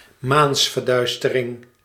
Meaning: lunar eclipse
- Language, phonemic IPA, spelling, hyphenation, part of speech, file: Dutch, /ˈmaːns.vərˌdœy̯s.tə.rɪŋ/, maansverduistering, maans‧ver‧duis‧te‧ring, noun, Nl-maansverduistering.ogg